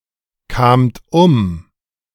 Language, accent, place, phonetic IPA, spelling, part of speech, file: German, Germany, Berlin, [ˌkaːmt ˈʊm], kamt um, verb, De-kamt um.ogg
- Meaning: second-person plural preterite of umkommen